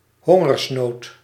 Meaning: famine
- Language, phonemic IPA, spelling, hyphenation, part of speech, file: Dutch, /ˈɦɔ.ŋərsˌnoːt/, hongersnood, hon‧gers‧nood, noun, Nl-hongersnood.ogg